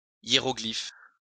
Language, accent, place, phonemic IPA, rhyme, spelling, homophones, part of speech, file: French, France, Lyon, /je.ʁɔ.ɡlif/, -if, hiéroglyphe, hiéroglyphes, noun, LL-Q150 (fra)-hiéroglyphe.wav
- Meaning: 1. hieroglyph 2. something undecipherable